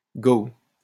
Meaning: a girl, chick. alternative spelling of go
- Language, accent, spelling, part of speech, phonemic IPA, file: French, France, gow, noun, /ɡo/, LL-Q150 (fra)-gow.wav